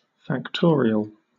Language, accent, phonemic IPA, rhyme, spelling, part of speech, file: English, Southern England, /fækˈtɔːɹi.əl/, -ɔːɹiəl, factorial, noun / adjective, LL-Q1860 (eng)-factorial.wav
- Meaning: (noun) The result of multiplying a given number of consecutive integers from 1 to the given number. In equations, it is symbolized by an exclamation mark (!). For example, 5! = 1 × 2 × 3 × 4 × 5 = 120